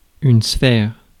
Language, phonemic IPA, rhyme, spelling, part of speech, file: French, /sfɛʁ/, -ɛʁ, sphère, noun, Fr-sphère.ogg
- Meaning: 1. sphere 2. sphere, area